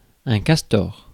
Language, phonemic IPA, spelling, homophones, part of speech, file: French, /kas.tɔʁ/, castor, castors, noun, Fr-castor.ogg
- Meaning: 1. beaver (aquatic mammal) 2. castor (hat made from beaver fur)